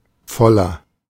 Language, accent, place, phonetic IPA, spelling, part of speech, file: German, Germany, Berlin, [ˈfɔlɐ], voller, adjective / preposition, De-voller.ogg
- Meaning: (adjective) inflection of voll: 1. strong/mixed nominative masculine singular 2. strong genitive/dative feminine singular 3. strong genitive plural